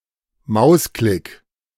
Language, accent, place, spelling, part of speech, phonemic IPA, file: German, Germany, Berlin, Mausklick, noun, /ˈmaʊ̯sklɪk/, De-Mausklick.ogg
- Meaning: click (act of pressing a button on a computer mouse)